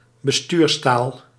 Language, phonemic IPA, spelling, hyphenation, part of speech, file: Dutch, /bəˈstyːrsˌtaːl/, bestuurstaal, be‧stuurs‧taal, noun, Nl-bestuurstaal.ogg
- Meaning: an official language which is used by public authorities for administrative purposes